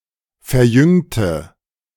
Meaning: inflection of verjüngen: 1. first/third-person singular preterite 2. first/third-person singular subjunctive II
- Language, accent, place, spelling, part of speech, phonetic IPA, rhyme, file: German, Germany, Berlin, verjüngte, adjective / verb, [fɛɐ̯ˈjʏŋtə], -ʏŋtə, De-verjüngte.ogg